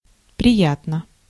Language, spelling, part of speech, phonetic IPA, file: Russian, приятно, adverb, [prʲɪˈjatnə], Ru-приятно.ogg
- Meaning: pleasantly, pleasingly, agreeably